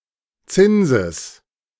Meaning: genitive singular of Zins
- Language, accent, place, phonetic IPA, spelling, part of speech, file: German, Germany, Berlin, [ˈt͡sɪnzəs], Zinses, noun, De-Zinses.ogg